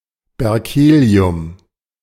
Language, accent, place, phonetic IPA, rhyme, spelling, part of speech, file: German, Germany, Berlin, [bɛʁˈkeːli̯ʊm], -eːli̯ʊm, Berkelium, noun, De-Berkelium.ogg
- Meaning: berkelium